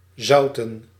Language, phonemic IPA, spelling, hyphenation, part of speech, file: Dutch, /ˈzɑu̯.tə(n)/, zouten, zou‧ten, verb, Nl-zouten.ogg
- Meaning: to salt